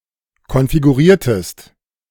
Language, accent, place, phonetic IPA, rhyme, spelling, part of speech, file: German, Germany, Berlin, [kɔnfiɡuˈʁiːɐ̯təst], -iːɐ̯təst, konfiguriertest, verb, De-konfiguriertest.ogg
- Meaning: inflection of konfigurieren: 1. second-person singular preterite 2. second-person singular subjunctive II